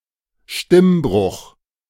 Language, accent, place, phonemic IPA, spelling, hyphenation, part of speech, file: German, Germany, Berlin, /ˈʃtɪmˌbʁʊx/, Stimmbruch, Stimm‧bruch, noun, De-Stimmbruch.ogg
- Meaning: voice change (the gradual dropping (“deepening”) of a male's voice during puberty)